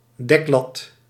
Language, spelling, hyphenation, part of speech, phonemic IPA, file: Dutch, deklat, dek‧lat, noun, /ˈdɛk.lɑt/, Nl-deklat.ogg
- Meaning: 1. a cover strip (top strip used to cover something) 2. a crossbar